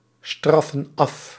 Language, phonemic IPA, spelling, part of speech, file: Dutch, /ˈstrɑfə(n) ˈɑf/, straffen af, verb, Nl-straffen af.ogg
- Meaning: inflection of afstraffen: 1. plural present indicative 2. plural present subjunctive